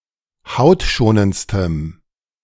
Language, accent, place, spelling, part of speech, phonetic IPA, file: German, Germany, Berlin, hautschonendstem, adjective, [ˈhaʊ̯tˌʃoːnənt͡stəm], De-hautschonendstem.ogg
- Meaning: strong dative masculine/neuter singular superlative degree of hautschonend